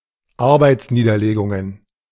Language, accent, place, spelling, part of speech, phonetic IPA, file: German, Germany, Berlin, Arbeitsniederlegungen, noun, [ˈaʁbaɪ̯t͡sˌniːdɐleːɡʊŋən], De-Arbeitsniederlegungen.ogg
- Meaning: plural of Arbeitsniederlegung